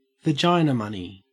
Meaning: Alimony when paid by a man to a woman
- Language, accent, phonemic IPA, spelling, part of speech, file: English, Australia, /vəˈd͡ʒaɪnəmʌni/, vaginamoney, noun, En-au-vaginamoney.ogg